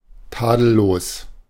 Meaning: impeccable, flawless, untainted
- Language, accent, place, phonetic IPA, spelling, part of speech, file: German, Germany, Berlin, [ˈtaːdl̩loːs], tadellos, adjective, De-tadellos.ogg